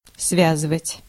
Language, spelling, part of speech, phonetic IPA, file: Russian, связывать, verb, [ˈsvʲazɨvətʲ], Ru-связывать.ogg
- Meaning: 1. to tie together, to bind 2. to connect, to join